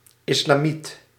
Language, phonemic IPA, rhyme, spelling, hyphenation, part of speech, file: Dutch, /ˌɪs.laːˈmit/, -it, islamiet, is‧la‧miet, noun, Nl-islamiet.ogg
- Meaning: Muslim